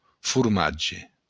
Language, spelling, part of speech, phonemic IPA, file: Occitan, formatge, noun, /furˈmadʒe/, LL-Q942602-formatge.wav
- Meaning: cheese